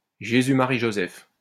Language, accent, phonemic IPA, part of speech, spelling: French, France, /ʒe.zy | ma.ʁi | ʒo.zɛf/, interjection, Jésus, Marie, Joseph
- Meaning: Jesus, Mary and Joseph!